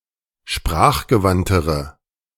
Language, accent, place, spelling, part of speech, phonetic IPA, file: German, Germany, Berlin, sprachgewandtere, adjective, [ˈʃpʁaːxɡəˌvantəʁə], De-sprachgewandtere.ogg
- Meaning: inflection of sprachgewandt: 1. strong/mixed nominative/accusative feminine singular comparative degree 2. strong nominative/accusative plural comparative degree